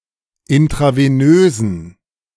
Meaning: inflection of intravenös: 1. strong genitive masculine/neuter singular 2. weak/mixed genitive/dative all-gender singular 3. strong/weak/mixed accusative masculine singular 4. strong dative plural
- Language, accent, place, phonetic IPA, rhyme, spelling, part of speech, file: German, Germany, Berlin, [ɪntʁaveˈnøːzn̩], -øːzn̩, intravenösen, adjective, De-intravenösen.ogg